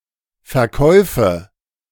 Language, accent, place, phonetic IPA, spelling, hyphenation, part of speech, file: German, Germany, Berlin, [fɛɐ̯ˈkɔɪ̯fə], Verkäufe, Ver‧käu‧fe, noun, De-Verkäufe.ogg
- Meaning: nominative/accusative/genitive plural of Verkauf